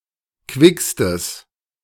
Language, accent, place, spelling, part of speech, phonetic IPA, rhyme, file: German, Germany, Berlin, quickstes, adjective, [ˈkvɪkstəs], -ɪkstəs, De-quickstes.ogg
- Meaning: strong/mixed nominative/accusative neuter singular superlative degree of quick